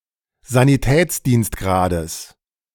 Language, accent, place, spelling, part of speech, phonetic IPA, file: German, Germany, Berlin, Sanitätsdienstgrades, noun, [zaniˈtɛːt͡sdiːnstˌɡʁaːdəs], De-Sanitätsdienstgrades.ogg
- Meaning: genitive singular of Sanitätsdienstgrad